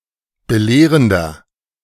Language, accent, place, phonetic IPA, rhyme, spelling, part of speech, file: German, Germany, Berlin, [bəˈleːʁəndɐ], -eːʁəndɐ, belehrender, adjective, De-belehrender.ogg
- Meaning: 1. comparative degree of belehrend 2. inflection of belehrend: strong/mixed nominative masculine singular 3. inflection of belehrend: strong genitive/dative feminine singular